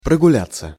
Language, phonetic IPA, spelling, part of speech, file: Russian, [prəɡʊˈlʲat͡sːə], прогуляться, verb, Ru-прогуляться.ogg
- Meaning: 1. to take a walk/stroll, to promenade 2. to stroll, to saunter, to ramble 3. passive of прогуля́ть (proguljátʹ)